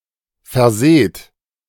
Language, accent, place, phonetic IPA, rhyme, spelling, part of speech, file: German, Germany, Berlin, [fɛɐ̯ˈzeːt], -eːt, verseht, verb, De-verseht.ogg
- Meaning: inflection of versehen: 1. second-person plural present 2. plural imperative